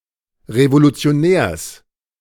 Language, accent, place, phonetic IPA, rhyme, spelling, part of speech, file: German, Germany, Berlin, [ʁevolut͡si̯oˈnɛːɐ̯s], -ɛːɐ̯s, Revolutionärs, noun, De-Revolutionärs.ogg
- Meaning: genitive singular of Revolutionär